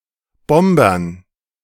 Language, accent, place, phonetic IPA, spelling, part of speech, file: German, Germany, Berlin, [ˈbɔmbɐn], Bombern, noun, De-Bombern.ogg
- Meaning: dative plural of Bomber